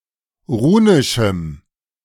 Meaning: strong dative masculine/neuter singular of runisch
- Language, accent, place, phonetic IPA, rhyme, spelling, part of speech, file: German, Germany, Berlin, [ˈʁuːnɪʃm̩], -uːnɪʃm̩, runischem, adjective, De-runischem.ogg